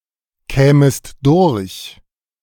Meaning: second-person singular subjunctive II of durchkommen
- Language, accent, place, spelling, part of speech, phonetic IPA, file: German, Germany, Berlin, kämest durch, verb, [ˌkɛːməst ˈdʊʁç], De-kämest durch.ogg